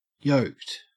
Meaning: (adjective) 1. Wearing a yoke 2. Subjugated 3. Having large and well-defined muscles particularly at the neck and the trapezii (forming thus the “yoke“) 4. Married
- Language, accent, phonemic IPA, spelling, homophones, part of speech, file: English, Australia, /joʊkt/, yoked, yolked, adjective / verb, En-au-yoked.ogg